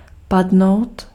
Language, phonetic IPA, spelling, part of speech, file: Czech, [ˈpadnou̯t], padnout, verb, Cs-padnout.ogg
- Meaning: 1. to fall 2. to fall (to die, especially in battle) 3. to fit (of clothing)